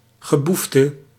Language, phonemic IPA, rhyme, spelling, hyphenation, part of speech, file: Dutch, /ɣəˈbuf.tə/, -uftə, geboefte, ge‧boef‧te, noun, Nl-geboefte.ogg
- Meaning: 1. criminals, delinquents, crooks 2. scum, rabble